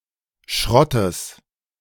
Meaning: genitive singular of Schrott
- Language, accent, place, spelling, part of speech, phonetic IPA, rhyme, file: German, Germany, Berlin, Schrottes, noun, [ˈʃʁɔtəs], -ɔtəs, De-Schrottes.ogg